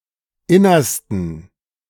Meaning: 1. superlative degree of inner 2. inflection of inner: strong genitive masculine/neuter singular superlative degree
- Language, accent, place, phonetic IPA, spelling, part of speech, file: German, Germany, Berlin, [ˈɪnɐstn̩], innersten, adjective, De-innersten.ogg